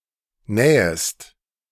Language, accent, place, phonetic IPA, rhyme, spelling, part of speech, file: German, Germany, Berlin, [ˈnɛːəst], -ɛːəst, nähest, verb, De-nähest.ogg
- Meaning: second-person singular subjunctive I of nähen